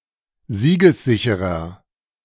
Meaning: inflection of siegessicher: 1. strong/mixed nominative masculine singular 2. strong genitive/dative feminine singular 3. strong genitive plural
- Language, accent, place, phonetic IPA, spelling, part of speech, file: German, Germany, Berlin, [ˈziːɡəsˌzɪçəʁɐ], siegessicherer, adjective, De-siegessicherer.ogg